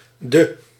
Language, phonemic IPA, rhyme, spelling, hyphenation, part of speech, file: Dutch, /-də/, -ə, -de, -de, suffix, Nl--de.ogg
- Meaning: 1. forms ordinal numbers from cardinal numbers 2. a suffix that forms the singular of the past tense of weak verbs 3. indicates second person in inversion, substituting or supplementing gij; you